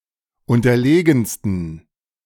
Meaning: 1. superlative degree of unterlegen 2. inflection of unterlegen: strong genitive masculine/neuter singular superlative degree
- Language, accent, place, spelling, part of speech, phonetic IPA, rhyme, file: German, Germany, Berlin, unterlegensten, adjective, [ˌʊntɐˈleːɡn̩stən], -eːɡn̩stən, De-unterlegensten.ogg